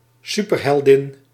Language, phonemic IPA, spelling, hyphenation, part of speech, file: Dutch, /ˈsypər.ɦɛlˌdɪn/, superheldin, su‧per‧hel‧din, noun, Nl-superheldin.ogg
- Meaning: a superheroine, a female superhero